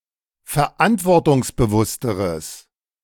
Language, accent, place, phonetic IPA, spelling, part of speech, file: German, Germany, Berlin, [fɛɐ̯ˈʔantvɔʁtʊŋsbəˌvʊstəʁəs], verantwortungsbewussteres, adjective, De-verantwortungsbewussteres.ogg
- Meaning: strong/mixed nominative/accusative neuter singular comparative degree of verantwortungsbewusst